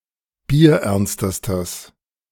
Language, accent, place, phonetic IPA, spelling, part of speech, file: German, Germany, Berlin, [biːɐ̯ˈʔɛʁnstəstəs], bierernstestes, adjective, De-bierernstestes.ogg
- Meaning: strong/mixed nominative/accusative neuter singular superlative degree of bierernst